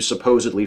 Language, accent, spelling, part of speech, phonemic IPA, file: English, US, supposedly, adverb, /səˈpoʊ̯.zɪd.li/, En-us-supposedly.ogg
- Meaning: 1. As a matter of supposition; in the beliefs or according to the claims of some people 2. Used in place of "supposed to be," often in informal or colloquial speech, as a mispronunciation